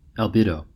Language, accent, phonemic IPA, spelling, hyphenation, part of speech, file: English, US, /ælˈbi.doʊ/, albedo, al‧be‧do, noun, En-us-albedo.ogg
- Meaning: The fraction of incident light or radiation reflected by a surface or body, commonly expressed as a percentage